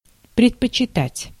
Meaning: to prefer
- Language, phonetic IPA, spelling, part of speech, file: Russian, [prʲɪtpət͡ɕɪˈtatʲ], предпочитать, verb, Ru-предпочитать.ogg